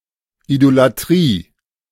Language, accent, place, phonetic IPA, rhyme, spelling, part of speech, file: German, Germany, Berlin, [ˌidolaˈtʁiː], -iː, Idolatrie, noun, De-Idolatrie.ogg
- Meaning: idolatry